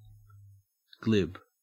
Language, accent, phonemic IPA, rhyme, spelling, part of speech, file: English, Australia, /ɡlɪb/, -ɪb, glib, adjective / verb / noun, En-au-glib.ogg
- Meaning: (adjective) 1. Having a ready flow of words but lacking thought or understanding; superficial; shallow 2. Smooth or slippery